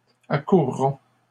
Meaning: first-person plural future of accourir
- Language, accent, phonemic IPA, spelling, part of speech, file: French, Canada, /a.kuʁ.ʁɔ̃/, accourrons, verb, LL-Q150 (fra)-accourrons.wav